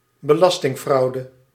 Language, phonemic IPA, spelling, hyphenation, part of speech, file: Dutch, /bəˈlɑs.tɪŋˌfrɑu̯.də/, belastingfraude, be‧las‧ting‧frau‧de, noun, Nl-belastingfraude.ogg
- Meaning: tax fraud, tax evasion